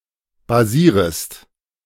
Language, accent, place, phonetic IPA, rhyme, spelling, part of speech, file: German, Germany, Berlin, [baˈziːʁəst], -iːʁəst, basierest, verb, De-basierest.ogg
- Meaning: second-person singular subjunctive I of basieren